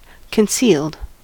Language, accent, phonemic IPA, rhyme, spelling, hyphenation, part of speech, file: English, US, /kənˈsiːld/, -iːld, concealed, con‧cealed, verb / adjective, En-us-concealed.ogg
- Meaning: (verb) simple past and past participle of conceal; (adjective) Hidden